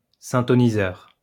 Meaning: tuner
- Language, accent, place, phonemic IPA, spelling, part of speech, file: French, France, Lyon, /sɛ̃.tɔ.ni.zœʁ/, syntoniseur, noun, LL-Q150 (fra)-syntoniseur.wav